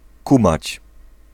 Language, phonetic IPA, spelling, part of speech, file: Polish, [ˈkũmat͡ɕ], kumać, verb, Pl-kumać.ogg